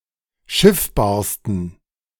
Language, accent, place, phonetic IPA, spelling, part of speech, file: German, Germany, Berlin, [ˈʃɪfbaːɐ̯stn̩], schiffbarsten, adjective, De-schiffbarsten.ogg
- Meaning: 1. superlative degree of schiffbar 2. inflection of schiffbar: strong genitive masculine/neuter singular superlative degree